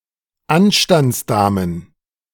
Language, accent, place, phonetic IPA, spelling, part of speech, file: German, Germany, Berlin, [ˈanʃtant͡sˌdaːmən], Anstandsdamen, noun, De-Anstandsdamen.ogg
- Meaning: plural of Anstandsdame